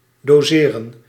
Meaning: 1. to determine the dose 2. to divide into proportions
- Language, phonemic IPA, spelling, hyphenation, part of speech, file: Dutch, /doːˈzeːrə(n)/, doseren, do‧se‧ren, verb, Nl-doseren.ogg